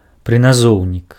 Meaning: preposition
- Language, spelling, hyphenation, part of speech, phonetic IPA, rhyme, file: Belarusian, прыназоўнік, пры‧на‧зоў‧нік, noun, [prɨnaˈzou̯nʲik], -ou̯nʲik, Be-прыназоўнік.ogg